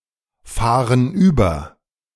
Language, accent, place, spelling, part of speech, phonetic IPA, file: German, Germany, Berlin, fahren über, verb, [ˌfaːʁən ˈyːbɐ], De-fahren über.ogg
- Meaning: inflection of überfahren: 1. first/third-person plural present 2. first/third-person plural subjunctive I